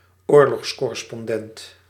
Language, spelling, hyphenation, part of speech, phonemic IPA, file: Dutch, oorlogscorrespondent, oor‧logs‧cor‧res‧pon‧dent, noun, /ˈoːr.lɔxs.kɔ.rə.spɔnˌdɛnt/, Nl-oorlogscorrespondent.ogg
- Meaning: a war correspondent